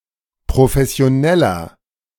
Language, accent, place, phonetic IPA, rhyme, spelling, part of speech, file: German, Germany, Berlin, [pʁofɛsi̯oˈnɛlɐ], -ɛlɐ, professioneller, adjective, De-professioneller.ogg
- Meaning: 1. comparative degree of professionell 2. inflection of professionell: strong/mixed nominative masculine singular 3. inflection of professionell: strong genitive/dative feminine singular